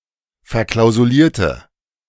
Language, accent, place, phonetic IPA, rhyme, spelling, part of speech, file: German, Germany, Berlin, [fɛɐ̯ˌklaʊ̯zuˈliːɐ̯tə], -iːɐ̯tə, verklausulierte, adjective / verb, De-verklausulierte.ogg
- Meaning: inflection of verklausuliert: 1. strong/mixed nominative/accusative feminine singular 2. strong nominative/accusative plural 3. weak nominative all-gender singular